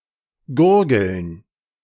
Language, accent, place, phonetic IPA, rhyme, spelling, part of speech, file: German, Germany, Berlin, [ˈɡʊʁɡl̩n], -ʊʁɡl̩n, Gurgeln, noun, De-Gurgeln.ogg
- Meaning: plural of Gurgel